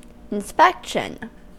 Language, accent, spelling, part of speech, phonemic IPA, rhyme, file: English, US, inspection, noun, /ɪnˈspɛkʃən/, -ɛkʃən, En-us-inspection.ogg
- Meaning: 1. The act of examining something, often closely 2. An organization that checks that certain laws or rules are obeyed